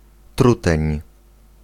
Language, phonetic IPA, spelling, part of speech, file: Polish, [ˈtrutɛ̃ɲ], truteń, noun, Pl-truteń.ogg